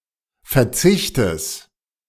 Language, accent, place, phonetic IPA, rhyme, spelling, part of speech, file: German, Germany, Berlin, [fɛɐ̯ˈt͡sɪçtəs], -ɪçtəs, Verzichtes, noun, De-Verzichtes.ogg
- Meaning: genitive singular of Verzicht